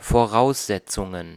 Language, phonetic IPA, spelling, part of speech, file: German, [foˈʁaʊ̯szɛt͡sʊŋən], Voraussetzungen, noun, De-Voraussetzungen.ogg
- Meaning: plural of Voraussetzung